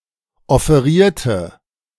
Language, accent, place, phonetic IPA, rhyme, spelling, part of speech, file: German, Germany, Berlin, [ɔfeˈʁiːɐ̯tə], -iːɐ̯tə, offerierte, adjective / verb, De-offerierte.ogg
- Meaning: inflection of offerieren: 1. first/third-person singular preterite 2. first/third-person singular subjunctive II